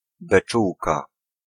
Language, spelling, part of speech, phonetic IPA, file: Polish, beczułka, noun, [bɛˈt͡ʃuwka], Pl-beczułka.ogg